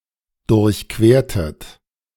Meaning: inflection of durchqueren: 1. second-person plural preterite 2. second-person plural subjunctive II
- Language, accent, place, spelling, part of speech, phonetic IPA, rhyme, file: German, Germany, Berlin, durchquertet, verb, [dʊʁçˈkveːɐ̯tət], -eːɐ̯tət, De-durchquertet.ogg